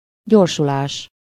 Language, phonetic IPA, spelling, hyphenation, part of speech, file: Hungarian, [ˈɟorʃulaːʃ], gyorsulás, gyor‧su‧lás, noun, Hu-gyorsulás.ogg
- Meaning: acceleration